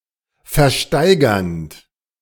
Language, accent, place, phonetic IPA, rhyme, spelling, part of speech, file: German, Germany, Berlin, [fɛɐ̯ˈʃtaɪ̯ɡɐnt], -aɪ̯ɡɐnt, versteigernd, verb, De-versteigernd.ogg
- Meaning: present participle of versteigern